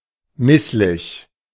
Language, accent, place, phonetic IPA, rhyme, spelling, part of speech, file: German, Germany, Berlin, [ˈmɪslɪç], -ɪslɪç, misslich, adjective, De-misslich.ogg
- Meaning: awkward (perverse; adverse; untoward)